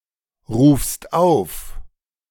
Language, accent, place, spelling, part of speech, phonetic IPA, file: German, Germany, Berlin, rufst auf, verb, [ˌʁuːfst ˈaʊ̯f], De-rufst auf.ogg
- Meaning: second-person singular present of aufrufen